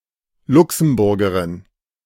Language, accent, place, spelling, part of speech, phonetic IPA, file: German, Germany, Berlin, Luxemburgerin, noun, [ˈlʊksm̩ˌbʊʁɡəʁɪn], De-Luxemburgerin.ogg
- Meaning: Luxembourger (female person from Luxembourg)